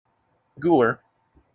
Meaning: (adjective) Particularly of an animal: of, pertaining to, or located at the gula (“the upper front of the neck next to the chin”) or the throat
- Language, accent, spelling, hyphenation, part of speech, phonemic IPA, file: English, General American, gular, gul‧ar, adjective / noun, /ˈɡ(j)ulɚ/, En-us-gular.mp3